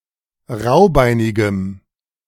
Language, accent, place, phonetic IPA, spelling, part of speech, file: German, Germany, Berlin, [ˈʁaʊ̯ˌbaɪ̯nɪɡəm], raubeinigem, adjective, De-raubeinigem.ogg
- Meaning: strong dative masculine/neuter singular of raubeinig